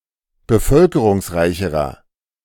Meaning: inflection of bevölkerungsreich: 1. strong/mixed nominative masculine singular comparative degree 2. strong genitive/dative feminine singular comparative degree
- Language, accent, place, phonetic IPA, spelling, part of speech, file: German, Germany, Berlin, [bəˈfœlkəʁʊŋsˌʁaɪ̯çəʁɐ], bevölkerungsreicherer, adjective, De-bevölkerungsreicherer.ogg